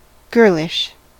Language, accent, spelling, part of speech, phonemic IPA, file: English, US, girlish, adjective, /ˈɡɝ.lɪʃ/, En-us-girlish.ogg
- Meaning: 1. Like (that of) a girl; feminine 2. Of or relating to girlhood